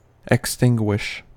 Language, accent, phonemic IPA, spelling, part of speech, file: English, US, /ɪkˈstɪŋ.ɡwɪʃ/, extinguish, verb, En-us-extinguish.ogg
- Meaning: To end (something).: 1. To stop (fire, etc.) from burning; also, to stop (light, etc.) from shining; to put out, to quench 2. To eclipse or obscure (someone or something) 3. To kill (someone)